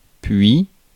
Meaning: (adverb) then; after; next; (conjunction) and; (verb) first-person singular present indicative of pouvoir
- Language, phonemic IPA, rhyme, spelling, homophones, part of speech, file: French, /pɥi/, -ɥi, puis, puits / puy, adverb / conjunction / verb, Fr-puis.ogg